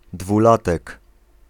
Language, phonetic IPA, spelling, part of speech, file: Polish, [dvuˈlatɛk], dwulatek, noun, Pl-dwulatek.ogg